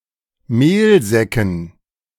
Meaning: dative plural of Mehlsack
- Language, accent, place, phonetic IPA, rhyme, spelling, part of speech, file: German, Germany, Berlin, [ˈmeːlˌzɛkn̩], -eːlzɛkn̩, Mehlsäcken, noun, De-Mehlsäcken.ogg